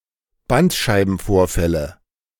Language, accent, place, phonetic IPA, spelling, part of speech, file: German, Germany, Berlin, [ˈbantʃaɪ̯bn̩ˌfoːɐ̯fɛlə], Bandscheibenvorfälle, noun, De-Bandscheibenvorfälle.ogg
- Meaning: nominative/accusative/genitive plural of Bandscheibenvorfall